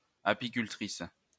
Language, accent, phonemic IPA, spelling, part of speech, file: French, France, /a.pi.kyl.tʁis/, apicultrice, noun, LL-Q150 (fra)-apicultrice.wav
- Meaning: female equivalent of apiculteur